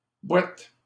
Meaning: mud
- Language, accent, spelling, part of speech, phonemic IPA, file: French, Canada, bouette, noun, /bwɛt/, LL-Q150 (fra)-bouette.wav